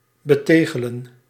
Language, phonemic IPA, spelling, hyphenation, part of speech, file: Dutch, /bəˈteːɣələ(n)/, betegelen, be‧te‧ge‧len, verb, Nl-betegelen.ogg
- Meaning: to tile, to put tiles on